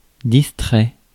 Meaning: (adjective) 1. absent-minded 2. distracted; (verb) past participle of distraire
- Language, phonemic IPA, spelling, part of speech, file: French, /dis.tʁɛ/, distrait, adjective / verb, Fr-distrait.ogg